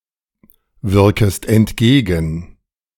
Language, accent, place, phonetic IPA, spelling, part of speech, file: German, Germany, Berlin, [ˌvɪʁkəst ɛntˈɡeːɡn̩], wirkest entgegen, verb, De-wirkest entgegen.ogg
- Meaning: second-person singular subjunctive I of entgegenwirken